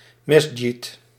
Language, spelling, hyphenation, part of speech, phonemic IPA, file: Dutch, mesdjid, mes‧djid, noun, /mɛs.dʒit/, Nl-mesdjid.ogg
- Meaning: mosque